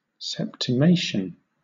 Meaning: The loss, seizure, destruction, or killing of one seventh (of something or of a group)
- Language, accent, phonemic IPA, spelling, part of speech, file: English, Southern England, /sɛptɪˈmeɪʃən/, septimation, noun, LL-Q1860 (eng)-septimation.wav